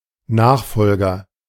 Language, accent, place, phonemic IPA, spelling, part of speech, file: German, Germany, Berlin, /ˈnaːxˌfɔlɡɐ/, Nachfolger, noun, De-Nachfolger.ogg
- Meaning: successor